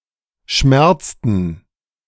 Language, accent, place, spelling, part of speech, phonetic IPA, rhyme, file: German, Germany, Berlin, schmerzten, verb, [ˈʃmɛʁt͡stn̩], -ɛʁt͡stn̩, De-schmerzten.ogg
- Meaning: inflection of schmerzen: 1. first/third-person plural preterite 2. first/third-person plural subjunctive II